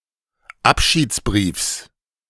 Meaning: genitive of Abschiedsbrief
- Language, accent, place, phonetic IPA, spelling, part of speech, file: German, Germany, Berlin, [ˈapʃiːt͡sˌbʁiːfs], Abschiedsbriefs, noun, De-Abschiedsbriefs.ogg